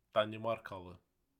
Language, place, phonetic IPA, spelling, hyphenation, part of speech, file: Azerbaijani, Baku, [dɑniˈmɑrkɑɫɯ], danimarkalı, da‧ni‧mar‧ka‧lı, noun, Az-az-danimarkalı.ogg
- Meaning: a Dane (person from Denmark)